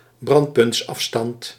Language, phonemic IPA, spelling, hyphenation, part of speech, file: Dutch, /ˈbrɑnt.pʏntsˌɑf.stɑnt/, brandpuntsafstand, brand‧punts‧af‧stand, noun, Nl-brandpuntsafstand.ogg
- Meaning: focal length